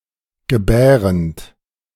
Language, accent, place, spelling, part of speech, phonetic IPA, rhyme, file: German, Germany, Berlin, gebärend, verb, [ɡəˈbɛːʁənt], -ɛːʁənt, De-gebärend.ogg
- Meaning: present participle of gebären